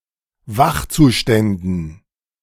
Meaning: dative plural of Wachzustand
- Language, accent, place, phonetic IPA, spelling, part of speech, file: German, Germany, Berlin, [ˈvaxt͡suˌʃtɛndn̩], Wachzuständen, noun, De-Wachzuständen.ogg